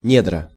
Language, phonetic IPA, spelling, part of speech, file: Russian, [ˈnʲedrə], недра, noun, Ru-недра.ogg
- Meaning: 1. womb 2. bosom 3. subsoil, bowels of the earth